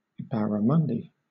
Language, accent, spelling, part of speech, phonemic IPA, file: English, Southern England, barramundi, noun, /ˌbæɹəˈmʌndi/, LL-Q1860 (eng)-barramundi.wav
- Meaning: A diadromous fish of species Lates calcarifer, of the Centropomidae family, order Perciformes, widely distributed in the Indo-West Pacific; a popular food fish